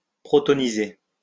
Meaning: to protonate
- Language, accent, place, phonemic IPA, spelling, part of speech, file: French, France, Lyon, /pʁɔ.tɔ.ni.ze/, protoniser, verb, LL-Q150 (fra)-protoniser.wav